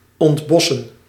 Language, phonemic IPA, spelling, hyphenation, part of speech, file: Dutch, /ɔntˈbɔsə(n)/, ontbossen, ont‧bos‧sen, verb, Nl-ontbossen.ogg
- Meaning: to deforest